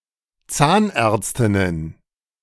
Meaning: plural of Zahnärztin
- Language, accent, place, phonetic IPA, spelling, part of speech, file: German, Germany, Berlin, [ˈt͡saːnˌʔɛːɐ̯t͡stɪnən], Zahnärztinnen, noun, De-Zahnärztinnen.ogg